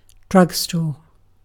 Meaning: Synonym of pharmacy, especially a small standalone general store which includes a pharmacy
- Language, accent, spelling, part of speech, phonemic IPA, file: English, UK, drugstore, noun, /ˈdɹʌɡ.stɔː(ɹ)/, En-uk-drugstore.ogg